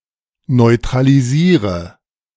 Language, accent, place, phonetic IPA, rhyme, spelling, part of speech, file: German, Germany, Berlin, [nɔɪ̯tʁaliˈziːʁə], -iːʁə, neutralisiere, verb, De-neutralisiere.ogg
- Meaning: inflection of neutralisieren: 1. first-person singular present 2. first/third-person singular subjunctive I 3. singular imperative